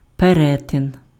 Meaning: 1. intersection 2. intersection, crossing (point at which roads, lines or tracks cross)
- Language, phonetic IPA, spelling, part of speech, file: Ukrainian, [peˈrɛten], перетин, noun, Uk-перетин.ogg